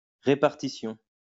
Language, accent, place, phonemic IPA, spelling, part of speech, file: French, France, Lyon, /ʁe.paʁ.ti.sjɔ̃/, répartition, noun, LL-Q150 (fra)-répartition.wav
- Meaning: 1. delivery, dispatching 2. allocation, division, allotment (of tasks, etc.) 3. distribution